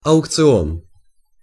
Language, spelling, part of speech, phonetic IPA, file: Russian, аукцион, noun, [ɐʊkt͡sɨˈon], Ru-аукцион.ogg
- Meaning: auction